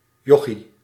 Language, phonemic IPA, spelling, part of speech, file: Dutch, /ˈjɔxi/, jochie, noun, Nl-jochie.ogg
- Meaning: diminutive of joch